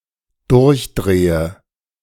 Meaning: inflection of durchdrehen: 1. first-person singular dependent present 2. first/third-person singular dependent subjunctive I
- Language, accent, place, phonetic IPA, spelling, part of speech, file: German, Germany, Berlin, [ˈdʊʁçˌdʁeːə], durchdrehe, verb, De-durchdrehe.ogg